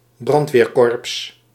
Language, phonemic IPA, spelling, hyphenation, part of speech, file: Dutch, /ˈbrɑnt.ʋeːrˌkɔrps/, brandweerkorps, brand‧weer‧korps, noun, Nl-brandweerkorps.ogg
- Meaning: a fire brigade, a fire department (chiefly local organisation of fire fighters)